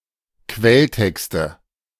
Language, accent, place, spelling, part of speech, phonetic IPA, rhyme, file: German, Germany, Berlin, Quelltexte, noun, [ˈkvɛlˌtɛkstə], -ɛltɛkstə, De-Quelltexte.ogg
- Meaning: nominative/accusative/genitive plural of Quelltext